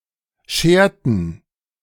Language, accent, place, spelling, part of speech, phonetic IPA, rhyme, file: German, Germany, Berlin, scherten, verb, [ˈʃeːɐ̯tn̩], -eːɐ̯tn̩, De-scherten.ogg
- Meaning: inflection of scheren: 1. first/third-person plural preterite 2. first/third-person plural subjunctive II